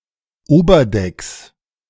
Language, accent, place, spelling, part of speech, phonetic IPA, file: German, Germany, Berlin, Oberdecks, noun, [ˈoːbɐˌdɛks], De-Oberdecks.ogg
- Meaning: plural of Oberdeck